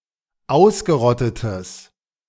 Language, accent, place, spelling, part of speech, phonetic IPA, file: German, Germany, Berlin, ausgerottetes, adjective, [ˈaʊ̯sɡəˌʁɔtətəs], De-ausgerottetes.ogg
- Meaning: strong/mixed nominative/accusative neuter singular of ausgerottet